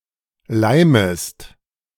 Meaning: second-person singular subjunctive I of leimen
- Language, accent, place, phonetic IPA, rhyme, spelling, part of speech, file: German, Germany, Berlin, [ˈlaɪ̯məst], -aɪ̯məst, leimest, verb, De-leimest.ogg